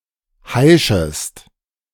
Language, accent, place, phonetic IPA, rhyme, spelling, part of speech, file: German, Germany, Berlin, [ˈhaɪ̯ʃəst], -aɪ̯ʃəst, heischest, verb, De-heischest.ogg
- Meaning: second-person singular subjunctive I of heischen